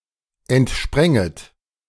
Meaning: second-person plural subjunctive I of entspringen
- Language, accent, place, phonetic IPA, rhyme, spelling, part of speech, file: German, Germany, Berlin, [ɛntˈʃpʁɛŋət], -ɛŋət, entspränget, verb, De-entspränget.ogg